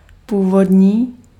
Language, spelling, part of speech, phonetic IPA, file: Czech, původní, adjective, [ˈpuːvodɲiː], Cs-původní.ogg
- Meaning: 1. original, indigenous, native 2. original, novel, creative